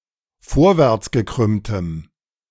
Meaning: strong dative masculine/neuter singular of vorwärtsgekrümmt
- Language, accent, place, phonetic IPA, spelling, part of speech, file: German, Germany, Berlin, [ˈfoːɐ̯vɛʁt͡sɡəˌkʁʏmtəm], vorwärtsgekrümmtem, adjective, De-vorwärtsgekrümmtem.ogg